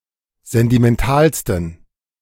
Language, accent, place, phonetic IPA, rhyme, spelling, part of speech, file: German, Germany, Berlin, [ˌzɛntimɛnˈtaːlstn̩], -aːlstn̩, sentimentalsten, adjective, De-sentimentalsten.ogg
- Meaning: 1. superlative degree of sentimental 2. inflection of sentimental: strong genitive masculine/neuter singular superlative degree